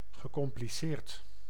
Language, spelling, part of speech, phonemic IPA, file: Dutch, gecompliceerd, verb / adjective, /ɣəˌkɔmpliˈsert/, Nl-gecompliceerd.ogg
- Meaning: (adjective) complicated, complex or convoluted; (verb) past participle of compliceren